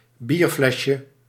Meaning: diminutive of bierfles
- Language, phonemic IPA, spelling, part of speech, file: Dutch, /ˈbirflɛʃə/, bierflesje, noun, Nl-bierflesje.ogg